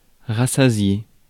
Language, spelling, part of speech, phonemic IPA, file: French, rassasié, adjective / verb, /ʁa.sa.zje/, Fr-rassasié.ogg
- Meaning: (adjective) full, satiated; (verb) past participle of rassasier